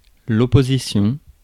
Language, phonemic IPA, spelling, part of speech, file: French, /ɔ.po.zi.sjɔ̃/, opposition, noun, Fr-opposition.ogg
- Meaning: opposition